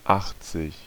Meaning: eighty
- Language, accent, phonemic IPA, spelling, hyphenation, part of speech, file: German, Germany, /ˈʔaxt͡sɪk/, achtzig, acht‧zig, numeral, De-achtzig.ogg